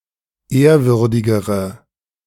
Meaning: inflection of ehrwürdig: 1. strong/mixed nominative/accusative feminine singular comparative degree 2. strong nominative/accusative plural comparative degree
- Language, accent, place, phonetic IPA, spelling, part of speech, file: German, Germany, Berlin, [ˈeːɐ̯ˌvʏʁdɪɡəʁə], ehrwürdigere, adjective, De-ehrwürdigere.ogg